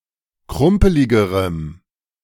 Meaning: strong dative masculine/neuter singular comparative degree of krumpelig
- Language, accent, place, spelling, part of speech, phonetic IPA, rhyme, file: German, Germany, Berlin, krumpeligerem, adjective, [ˈkʁʊmpəlɪɡəʁəm], -ʊmpəlɪɡəʁəm, De-krumpeligerem.ogg